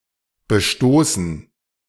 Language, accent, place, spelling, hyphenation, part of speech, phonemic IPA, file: German, Germany, Berlin, bestoßen, be‧sto‧ßen, verb / adjective, /bəˈʃtoːsn̩/, De-bestoßen.ogg
- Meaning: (verb) 1. to scuff 2. past participle of bestoßen; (adjective) scuffed, damaged, having signs of wear